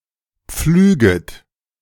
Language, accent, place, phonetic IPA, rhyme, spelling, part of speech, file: German, Germany, Berlin, [ˈp͡flyːɡət], -yːɡət, pflüget, verb, De-pflüget.ogg
- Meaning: second-person plural subjunctive I of pflügen